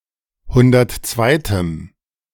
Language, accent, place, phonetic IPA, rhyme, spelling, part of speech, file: German, Germany, Berlin, [ˈhʊndɐtˈt͡svaɪ̯təm], -aɪ̯təm, hundertzweitem, adjective, De-hundertzweitem.ogg
- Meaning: strong dative masculine/neuter singular of hundertzweite